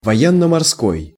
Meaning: naval
- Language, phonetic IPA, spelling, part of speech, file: Russian, [vɐˌjenːə mɐrˈskoj], военно-морской, adjective, Ru-военно-морской.ogg